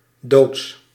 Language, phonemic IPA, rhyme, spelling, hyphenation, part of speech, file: Dutch, /doːts/, -oːts, doods, doods, adjective / noun, Nl-doods.ogg
- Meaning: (adjective) dead, lacking life, having a dead appearance; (noun) genitive singular of dood